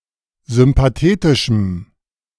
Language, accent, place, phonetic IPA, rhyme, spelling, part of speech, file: German, Germany, Berlin, [zʏmpaˈteːtɪʃm̩], -eːtɪʃm̩, sympathetischem, adjective, De-sympathetischem.ogg
- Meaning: strong dative masculine/neuter singular of sympathetisch